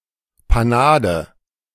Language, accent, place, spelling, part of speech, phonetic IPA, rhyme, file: German, Germany, Berlin, Panade, noun, [paˈnaːdə], -aːdə, De-Panade.ogg
- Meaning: breading